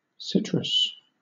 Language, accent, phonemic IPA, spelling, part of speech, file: English, Southern England, /ˈsɪtɹəs/, citrus, noun / adjective, LL-Q1860 (eng)-citrus.wav
- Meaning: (noun) Any of several shrubs or trees of the genus Citrus in the family Rutaceae